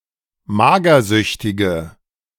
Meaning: inflection of magersüchtig: 1. strong/mixed nominative/accusative feminine singular 2. strong nominative/accusative plural 3. weak nominative all-gender singular
- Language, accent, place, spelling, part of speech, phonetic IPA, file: German, Germany, Berlin, magersüchtige, adjective, [ˈmaːɡɐˌzʏçtɪɡə], De-magersüchtige.ogg